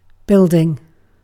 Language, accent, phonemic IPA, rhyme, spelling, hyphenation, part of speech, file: English, UK, /ˈbɪl.dɪŋ/, -ɪldɪŋ, building, build‧ing, noun / verb, En-uk-building.ogg
- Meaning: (noun) 1. The act or process by which something is built; construction 2. A closed structure with walls and a roof 3. Synonym of Tits building; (verb) present participle and gerund of build